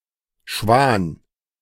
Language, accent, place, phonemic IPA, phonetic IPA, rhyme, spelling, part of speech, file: German, Germany, Berlin, /ʃvaːn/, [ʃʋäːn], -aːn, Schwan, noun, De-Schwan.ogg
- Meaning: 1. swan 2. the constellation Cygnus